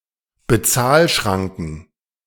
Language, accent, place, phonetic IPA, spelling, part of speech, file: German, Germany, Berlin, [bəˈtsaːlˌʃʀaŋkŋ̍], Bezahlschranken, noun, De-Bezahlschranken.ogg
- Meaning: plural of Bezahlschranke